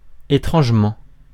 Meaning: strangely (in a strange manner)
- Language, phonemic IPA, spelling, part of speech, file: French, /e.tʁɑ̃ʒ.mɑ̃/, étrangement, adverb, Fr-étrangement.ogg